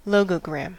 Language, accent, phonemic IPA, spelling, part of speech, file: English, US, /ˈlɔː.ɡəˌɡɹæm/, logogram, noun, En-us-logogram.ogg
- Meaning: 1. A character or symbol (usually nonalphanumeric) that represents a word or phrase 2. A kind of word puzzle: a logogriph